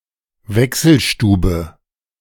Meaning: bureau de change
- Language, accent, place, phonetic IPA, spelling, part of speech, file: German, Germany, Berlin, [ˈvɛksl̩ʃtuːbə], Wechselstube, noun, De-Wechselstube.ogg